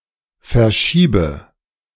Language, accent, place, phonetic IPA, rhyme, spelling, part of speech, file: German, Germany, Berlin, [fɛɐ̯ˈʃiːbə], -iːbə, verschiebe, verb, De-verschiebe.ogg
- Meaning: inflection of verschieben: 1. first-person singular present 2. first/third-person singular subjunctive I 3. singular imperative